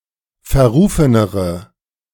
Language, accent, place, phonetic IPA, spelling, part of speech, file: German, Germany, Berlin, [fɛɐ̯ˈʁuːfənəʁə], verrufenere, adjective, De-verrufenere.ogg
- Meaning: inflection of verrufen: 1. strong/mixed nominative/accusative feminine singular comparative degree 2. strong nominative/accusative plural comparative degree